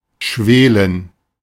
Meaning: 1. to smoulder 2. to fester, to simmer
- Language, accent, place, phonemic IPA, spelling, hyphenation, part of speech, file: German, Germany, Berlin, /ˈʃveːlən/, schwelen, schwe‧len, verb, De-schwelen.ogg